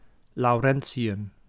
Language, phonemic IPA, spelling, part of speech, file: Dutch, /lɔːˈrɛnsiˌjʏm/, lawrencium, noun, Nl-lawrencium.ogg
- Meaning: lawrencium